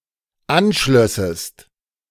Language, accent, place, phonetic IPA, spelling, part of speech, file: German, Germany, Berlin, [ˈanˌʃlœsəst], anschlössest, verb, De-anschlössest.ogg
- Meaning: second-person singular dependent subjunctive II of anschließen